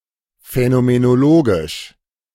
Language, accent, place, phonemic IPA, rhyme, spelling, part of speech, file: German, Germany, Berlin, /fɛnomenoˈloːɡɪʃ/, -oːɡɪʃ, phänomenologisch, adjective, De-phänomenologisch.ogg
- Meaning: phenomenological